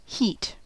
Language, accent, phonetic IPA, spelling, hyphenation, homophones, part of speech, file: English, US, [ˈhɪi̯t], heat, heat, het, noun / verb, En-us-heat.ogg
- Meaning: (noun) 1. Thermal energy 2. The condition or quality of being hot 3. An attribute of a spice that causes a burning sensation in the mouth 4. A period of intensity, particularly of emotion